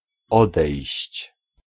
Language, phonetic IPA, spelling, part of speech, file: Polish, [ˈɔdɛjɕt͡ɕ], odejść, verb, Pl-odejść.ogg